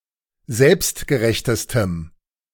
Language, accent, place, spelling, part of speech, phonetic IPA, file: German, Germany, Berlin, selbstgerechtestem, adjective, [ˈzɛlpstɡəˌʁɛçtəstəm], De-selbstgerechtestem.ogg
- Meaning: strong dative masculine/neuter singular superlative degree of selbstgerecht